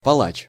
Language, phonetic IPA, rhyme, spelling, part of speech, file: Russian, [pɐˈɫat͡ɕ], -at͡ɕ, палач, noun, Ru-палач.ogg
- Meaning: executioner, hangman